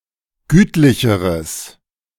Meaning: strong/mixed nominative/accusative neuter singular comparative degree of gütlich
- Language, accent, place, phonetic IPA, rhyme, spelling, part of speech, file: German, Germany, Berlin, [ˈɡyːtlɪçəʁəs], -yːtlɪçəʁəs, gütlicheres, adjective, De-gütlicheres.ogg